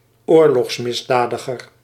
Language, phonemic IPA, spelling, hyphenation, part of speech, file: Dutch, /ˈoːr.lɔxs.mɪsˌdaː.də.ɣər/, oorlogsmisdadiger, oor‧logs‧mis‧da‧di‧ger, noun, Nl-oorlogsmisdadiger.ogg
- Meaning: war criminal